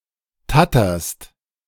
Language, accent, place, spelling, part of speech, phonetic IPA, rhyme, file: German, Germany, Berlin, tatterst, verb, [ˈtatɐst], -atɐst, De-tatterst.ogg
- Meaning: second-person singular present of tattern